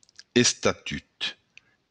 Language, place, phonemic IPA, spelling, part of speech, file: Occitan, Béarn, /estaˈtyt/, estatut, noun, LL-Q14185 (oci)-estatut.wav
- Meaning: 1. statute 2. bylaw